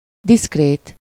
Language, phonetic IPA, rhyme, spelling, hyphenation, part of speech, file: Hungarian, [ˈdiskreːt], -eːt, diszkrét, diszk‧rét, adjective, Hu-diszkrét.ogg
- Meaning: 1. discreet, secretive (able to keep confidences secret) 2. discreet, tactful (able to deal with people in a sensitive manner) 3. discreet, delicate 4. discreet, unobtrusive 5. discreet, reserved